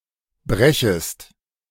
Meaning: second-person singular subjunctive I of brechen
- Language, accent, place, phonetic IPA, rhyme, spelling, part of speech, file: German, Germany, Berlin, [ˈbʁɛçəst], -ɛçəst, brechest, verb, De-brechest.ogg